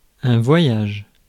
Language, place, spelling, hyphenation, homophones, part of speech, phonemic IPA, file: French, Paris, voyage, vo‧yage, voyagent / voyages, noun / verb, /vwa.jaʒ/, Fr-voyage.ogg
- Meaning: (noun) 1. trip, journey, voyage 2. travel 3. load, wagonload, truckload; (verb) inflection of voyager: first/third-person singular present indicative/subjunctive